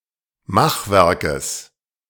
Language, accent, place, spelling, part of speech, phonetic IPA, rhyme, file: German, Germany, Berlin, Machwerkes, noun, [ˈmaxˌvɛʁkəs], -axvɛʁkəs, De-Machwerkes.ogg
- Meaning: genitive singular of Machwerk